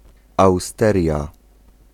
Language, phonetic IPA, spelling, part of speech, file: Polish, [awˈstɛrʲja], austeria, noun, Pl-austeria.ogg